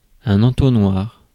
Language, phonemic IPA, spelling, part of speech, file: French, /ɑ̃.tɔ.nwaʁ/, entonnoir, noun, Fr-entonnoir.ogg
- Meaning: funnel